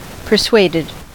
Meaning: simple past and past participle of persuade
- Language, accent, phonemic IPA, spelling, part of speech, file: English, US, /pɚˈsweɪdɪd/, persuaded, verb, En-us-persuaded.ogg